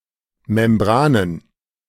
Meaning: 1. plural of Membran 2. plural of Membrane
- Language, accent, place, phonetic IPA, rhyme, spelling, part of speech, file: German, Germany, Berlin, [mɛmˈbʁaːnən], -aːnən, Membranen, noun, De-Membranen.ogg